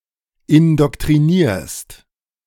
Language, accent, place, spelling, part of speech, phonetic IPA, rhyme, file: German, Germany, Berlin, indoktrinierst, verb, [ɪndɔktʁiˈniːɐ̯st], -iːɐ̯st, De-indoktrinierst.ogg
- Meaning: second-person singular present of indoktrinieren